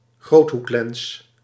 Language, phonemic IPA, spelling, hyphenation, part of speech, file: Dutch, /ˈɣroːt.ɦukˌlɛns/, groothoeklens, groot‧hoek‧lens, noun, Nl-groothoeklens.ogg
- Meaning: wide-angle lens